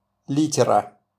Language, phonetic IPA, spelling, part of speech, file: Russian, [ˈlʲitʲɪrə], литера, noun, RU-литера.wav
- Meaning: 1. type (block with a raised letter or character on its surface) 2. letter (of an alphabet) 3. A prepaid mark on a postal envelope